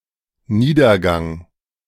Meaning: 1. demise, downfall, decline, comedown 2. companionway
- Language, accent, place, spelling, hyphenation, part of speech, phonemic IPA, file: German, Germany, Berlin, Niedergang, Nie‧der‧gang, noun, /ˈniːdɐˌɡaŋ/, De-Niedergang.ogg